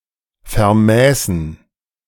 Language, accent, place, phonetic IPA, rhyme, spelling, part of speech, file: German, Germany, Berlin, [fɛɐ̯ˈmɛːsn̩], -ɛːsn̩, vermäßen, verb, De-vermäßen.ogg
- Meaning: first/third-person plural subjunctive II of vermessen